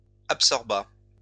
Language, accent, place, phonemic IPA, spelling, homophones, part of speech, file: French, France, Lyon, /ap.sɔʁ.ba/, absorba, absorbas / absorbat / absorbats, verb, LL-Q150 (fra)-absorba.wav
- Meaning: third-person singular past historic of absorber